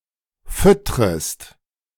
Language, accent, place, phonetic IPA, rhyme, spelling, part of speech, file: German, Germany, Berlin, [ˈfʏtʁəst], -ʏtʁəst, füttrest, verb, De-füttrest.ogg
- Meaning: second-person singular subjunctive I of füttern